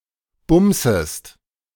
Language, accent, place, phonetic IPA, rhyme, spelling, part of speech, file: German, Germany, Berlin, [ˈbʊmzəst], -ʊmzəst, bumsest, verb, De-bumsest.ogg
- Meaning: second-person singular subjunctive I of bumsen